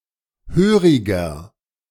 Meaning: 1. comparative degree of hörig 2. inflection of hörig: strong/mixed nominative masculine singular 3. inflection of hörig: strong genitive/dative feminine singular
- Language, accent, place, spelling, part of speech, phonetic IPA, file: German, Germany, Berlin, höriger, adjective, [ˈhøːʁɪɡɐ], De-höriger.ogg